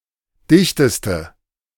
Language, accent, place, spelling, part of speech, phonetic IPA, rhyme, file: German, Germany, Berlin, dichteste, adjective, [ˈdɪçtəstə], -ɪçtəstə, De-dichteste.ogg
- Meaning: inflection of dicht: 1. strong/mixed nominative/accusative feminine singular superlative degree 2. strong nominative/accusative plural superlative degree